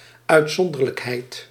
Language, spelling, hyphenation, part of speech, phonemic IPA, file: Dutch, uitzonderlijkheid, uit‧zon‧der‧lijk‧heid, noun, /œytˈsɔndərləkˌhɛit/, Nl-uitzonderlijkheid.ogg
- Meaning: exceptionality